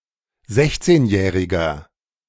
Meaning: inflection of sechzehnjährig: 1. strong/mixed nominative masculine singular 2. strong genitive/dative feminine singular 3. strong genitive plural
- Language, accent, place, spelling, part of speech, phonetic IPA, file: German, Germany, Berlin, sechzehnjähriger, adjective, [ˈzɛçt͡seːnˌjɛːʁɪɡɐ], De-sechzehnjähriger.ogg